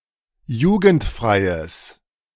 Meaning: strong/mixed nominative/accusative neuter singular of jugendfrei
- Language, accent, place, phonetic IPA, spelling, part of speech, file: German, Germany, Berlin, [ˈjuːɡn̩tˌfʁaɪ̯əs], jugendfreies, adjective, De-jugendfreies.ogg